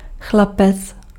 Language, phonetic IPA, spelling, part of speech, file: Czech, [ˈxlapɛt͡s], chlapec, noun, Cs-chlapec.ogg
- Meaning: 1. boy 2. boyfriend